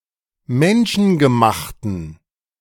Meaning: inflection of menschengemacht: 1. strong genitive masculine/neuter singular 2. weak/mixed genitive/dative all-gender singular 3. strong/weak/mixed accusative masculine singular 4. strong dative plural
- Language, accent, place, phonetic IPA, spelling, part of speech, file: German, Germany, Berlin, [ˈmɛnʃn̩ɡəˌmaxtn̩], menschengemachten, adjective, De-menschengemachten.ogg